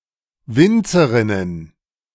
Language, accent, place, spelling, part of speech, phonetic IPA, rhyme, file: German, Germany, Berlin, Winzerinnen, noun, [ˈvɪnt͡səʁɪnən], -ɪnt͡səʁɪnən, De-Winzerinnen.ogg
- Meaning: plural of Winzerin